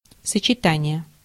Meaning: 1. combination (one or more elements selected without regard of the order) 2. conjunction
- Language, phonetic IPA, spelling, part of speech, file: Russian, [sət͡ɕɪˈtanʲɪje], сочетание, noun, Ru-сочетание.ogg